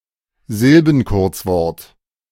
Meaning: syllabic abbreviation
- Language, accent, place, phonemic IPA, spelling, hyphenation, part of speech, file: German, Germany, Berlin, /ˈzɪlbənˌkʊʁt͡svɔʁt/, Silbenkurzwort, Sil‧ben‧kurz‧wort, noun, De-Silbenkurzwort.ogg